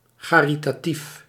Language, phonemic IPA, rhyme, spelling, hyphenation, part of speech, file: Dutch, /ˌxaː.ri.taːˈtif/, -if, charitatief, cha‧ri‧ta‧tief, adjective, Nl-charitatief.ogg
- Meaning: charitable